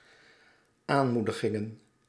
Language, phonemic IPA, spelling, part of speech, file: Dutch, /ˈamudəˌɣɪŋə(n)/, aanmoedigingen, noun, Nl-aanmoedigingen.ogg
- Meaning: plural of aanmoediging